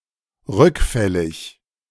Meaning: recidivistic
- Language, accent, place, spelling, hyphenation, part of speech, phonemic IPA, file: German, Germany, Berlin, rückfällig, rück‧fäl‧lig, adjective, /ˈʁʏkˌfɛlɪç/, De-rückfällig.ogg